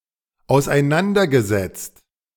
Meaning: past participle of auseinandersetzen
- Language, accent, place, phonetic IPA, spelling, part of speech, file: German, Germany, Berlin, [aʊ̯sʔaɪ̯ˈnandɐɡəzɛt͡st], auseinandergesetzt, verb, De-auseinandergesetzt.ogg